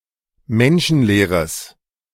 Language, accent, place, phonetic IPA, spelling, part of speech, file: German, Germany, Berlin, [ˈmɛnʃn̩ˌleːʁəs], menschenleeres, adjective, De-menschenleeres.ogg
- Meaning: strong/mixed nominative/accusative neuter singular of menschenleer